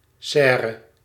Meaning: 1. conservatory room (greenhouse or winter garden, usually as part of a house) 2. greenhouse
- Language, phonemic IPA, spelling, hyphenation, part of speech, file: Dutch, /ˈsɛː.rə/, serre, ser‧re, noun, Nl-serre.ogg